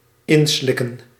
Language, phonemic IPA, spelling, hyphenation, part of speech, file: Dutch, /ˈɪnˌslɪ.kə(n)/, inslikken, in‧slik‧ken, verb, Nl-inslikken.ogg
- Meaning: to ingest, to swallow